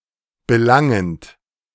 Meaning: present participle of belangen
- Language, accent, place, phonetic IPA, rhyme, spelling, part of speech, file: German, Germany, Berlin, [bəˈlaŋənt], -aŋənt, belangend, verb, De-belangend.ogg